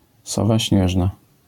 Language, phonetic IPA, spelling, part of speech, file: Polish, [ˈsɔva ˈɕɲɛʒna], sowa śnieżna, noun, LL-Q809 (pol)-sowa śnieżna.wav